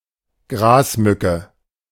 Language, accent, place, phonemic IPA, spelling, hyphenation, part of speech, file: German, Germany, Berlin, /ˈɡʁaːsˌmʏkə/, Grasmücke, Gras‧mü‧cke, noun, De-Grasmücke.ogg
- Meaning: warbler (any bird of the family Sylvia)